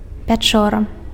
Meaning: cave
- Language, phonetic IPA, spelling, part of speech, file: Belarusian, [pʲaˈt͡ʂora], пячора, noun, Be-пячора.ogg